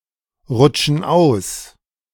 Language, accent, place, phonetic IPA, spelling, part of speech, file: German, Germany, Berlin, [ˌʁʊt͡ʃn̩ ˈaʊ̯s], rutschen aus, verb, De-rutschen aus.ogg
- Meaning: inflection of ausrutschen: 1. first/third-person plural present 2. first/third-person plural subjunctive I